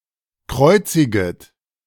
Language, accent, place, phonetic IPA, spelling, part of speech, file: German, Germany, Berlin, [ˈkʁɔɪ̯t͡sɪɡət], kreuziget, verb, De-kreuziget.ogg
- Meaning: second-person plural subjunctive I of kreuzigen